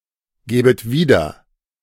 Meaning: second-person plural subjunctive II of wiedergeben
- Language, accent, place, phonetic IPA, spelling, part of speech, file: German, Germany, Berlin, [ˌɡɛːbət ˈviːdɐ], gäbet wieder, verb, De-gäbet wieder.ogg